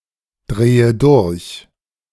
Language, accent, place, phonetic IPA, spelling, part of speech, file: German, Germany, Berlin, [ˌdʁeːə ˈdʊʁç], drehe durch, verb, De-drehe durch.ogg
- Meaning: inflection of durchdrehen: 1. first-person singular present 2. first/third-person singular subjunctive I 3. singular imperative